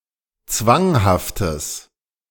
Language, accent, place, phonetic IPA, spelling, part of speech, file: German, Germany, Berlin, [ˈt͡svaŋhaftəs], zwanghaftes, adjective, De-zwanghaftes.ogg
- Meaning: strong/mixed nominative/accusative neuter singular of zwanghaft